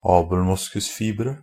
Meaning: indefinite plural of abelmoskusfiber
- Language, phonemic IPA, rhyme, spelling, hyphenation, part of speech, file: Norwegian Bokmål, /ɑːbl̩ˈmʊskʉsfiːbərə/, -ərə, abelmoskusfibere, ab‧el‧mos‧kus‧fi‧be‧re, noun, NB - Pronunciation of Norwegian Bokmål «abelmoskusfibere».ogg